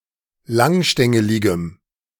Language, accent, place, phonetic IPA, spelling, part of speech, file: German, Germany, Berlin, [ˈlaŋˌʃtɛŋəlɪɡəm], langstängeligem, adjective, De-langstängeligem.ogg
- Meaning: strong dative masculine/neuter singular of langstängelig